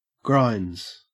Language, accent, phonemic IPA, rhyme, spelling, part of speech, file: English, Australia, /ɡɹaɪndz/, -aɪndz, grinds, verb / noun, En-au-grinds.ogg
- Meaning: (verb) third-person singular simple present indicative of grind; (noun) 1. plural of grind 2. Tutoring; extra lessons in a specific subject outside of school hours 3. Food, eats